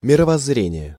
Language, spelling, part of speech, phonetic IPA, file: Russian, мировоззрение, noun, [mʲɪrəvɐz(ː)ˈrʲenʲɪje], Ru-мировоззрение.ogg
- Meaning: worldview, weltanschauung